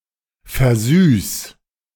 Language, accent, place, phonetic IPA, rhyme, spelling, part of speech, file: German, Germany, Berlin, [fɛɐ̯ˈzyːs], -yːs, versüß, verb, De-versüß.ogg
- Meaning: 1. singular imperative of versüßen 2. first-person singular present of versüßen